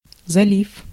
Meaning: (noun) 1. gulf 2. bay; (verb) short past adverbial perfective participle of зали́ть (zalítʹ)
- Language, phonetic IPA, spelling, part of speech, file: Russian, [zɐˈlʲif], залив, noun / verb, Ru-залив.ogg